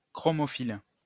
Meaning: chromophilic
- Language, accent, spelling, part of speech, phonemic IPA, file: French, France, chromophile, adjective, /kʁɔ.mɔ.fil/, LL-Q150 (fra)-chromophile.wav